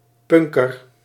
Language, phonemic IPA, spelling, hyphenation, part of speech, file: Dutch, /ˈpʏŋ.kər/, punker, pun‧ker, noun, Nl-punker.ogg
- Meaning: punk (a fan of punk rock, member of the punk subculture); (by extension) anyone with a mohawk or a similar distinct hairstyle